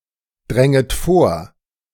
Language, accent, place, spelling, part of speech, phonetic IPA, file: German, Germany, Berlin, dränget vor, verb, [ˌdʁɛŋət ˈfoːɐ̯], De-dränget vor.ogg
- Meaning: second-person plural subjunctive I of vordringen